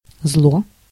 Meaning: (noun) 1. evil, bad, wrong 2. harm 3. malice, rage, anger, grudge; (adjective) short neuter singular of злой (zloj)
- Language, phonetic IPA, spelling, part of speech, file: Russian, [zɫo], зло, noun / adjective, Ru-зло.ogg